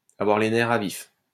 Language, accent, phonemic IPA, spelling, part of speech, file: French, France, /a.vwaʁ le nɛ.ʁ‿a vif/, avoir les nerfs à vif, verb, LL-Q150 (fra)-avoir les nerfs à vif.wav
- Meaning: to be on edge